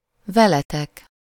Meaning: second-person plural of vele
- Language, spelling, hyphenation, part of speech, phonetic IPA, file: Hungarian, veletek, ve‧le‧tek, pronoun, [ˈvɛlɛtɛk], Hu-veletek.ogg